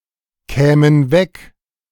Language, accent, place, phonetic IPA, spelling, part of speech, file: German, Germany, Berlin, [ˌkɛːmən ˈvɛk], kämen weg, verb, De-kämen weg.ogg
- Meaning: first/third-person plural subjunctive II of wegkommen